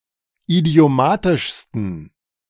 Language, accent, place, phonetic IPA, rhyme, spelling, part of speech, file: German, Germany, Berlin, [idi̯oˈmaːtɪʃstn̩], -aːtɪʃstn̩, idiomatischsten, adjective, De-idiomatischsten.ogg
- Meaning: 1. superlative degree of idiomatisch 2. inflection of idiomatisch: strong genitive masculine/neuter singular superlative degree